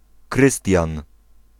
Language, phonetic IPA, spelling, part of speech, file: Polish, [ˈkrɨstʲjãn], Krystian, proper noun, Pl-Krystian.ogg